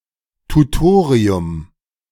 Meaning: 1. a tutorial 2. a university class where skills taught in lectures or seminars are exercised, generally taught by a more advanced student (called Tutor) and often non-obligatory
- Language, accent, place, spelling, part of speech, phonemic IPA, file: German, Germany, Berlin, Tutorium, noun, /tuˈtoːʁiʊm/, De-Tutorium.ogg